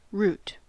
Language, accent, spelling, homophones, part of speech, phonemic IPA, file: English, General American, root, rute, noun / verb, /ɹut/, En-us-root.ogg
- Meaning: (noun) The part of a plant, generally underground, that anchors and supports the plant body, absorbs and stores water and nutrients, and in some plants is able to perform vegetative reproduction